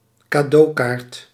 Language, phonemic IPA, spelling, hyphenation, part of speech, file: Dutch, /kaːˈdoːˌkaːrt/, cadeaukaart, ca‧deau‧kaart, noun, Nl-cadeaukaart.ogg
- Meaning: electronic gift card (debit card that is given as a gift and can be used to purchase specific items)